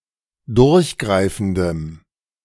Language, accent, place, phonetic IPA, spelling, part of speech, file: German, Germany, Berlin, [ˈdʊʁçˌɡʁaɪ̯fn̩dəm], durchgreifendem, adjective, De-durchgreifendem.ogg
- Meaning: strong dative masculine/neuter singular of durchgreifend